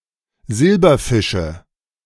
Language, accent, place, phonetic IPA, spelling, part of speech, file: German, Germany, Berlin, [ˈzɪlbɐˌfɪʃə], Silberfische, noun, De-Silberfische.ogg
- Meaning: nominative/accusative/genitive plural of Silberfisch